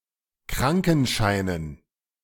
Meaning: plural of Krankenschein
- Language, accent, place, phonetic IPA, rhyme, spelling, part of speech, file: German, Germany, Berlin, [ˈkʁaŋkn̩ˌʃaɪ̯nən], -aŋkn̩ʃaɪ̯nən, Krankenscheinen, noun, De-Krankenscheinen.ogg